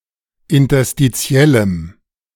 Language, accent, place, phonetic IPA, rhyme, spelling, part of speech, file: German, Germany, Berlin, [ɪntɐstiˈt͡si̯ɛləm], -ɛləm, interstitiellem, adjective, De-interstitiellem.ogg
- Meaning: strong dative masculine/neuter singular of interstitiell